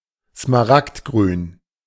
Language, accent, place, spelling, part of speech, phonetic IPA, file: German, Germany, Berlin, smaragdgrün, adjective, [smaˈʁaktˌɡʁyːn], De-smaragdgrün.ogg
- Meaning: emerald, emerald green (rich green colour)